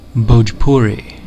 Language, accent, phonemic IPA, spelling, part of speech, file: English, US, /ˌboʊd͡ʒˈpʊəri/, Bhojpuri, proper noun, En-us-Bhojpuri.ogg
- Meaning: An Indo-Aryan language, spoken primarily in India, Mauritius, Nepal, Fiji, Surinam, Trinidad and Tobago, and Guyana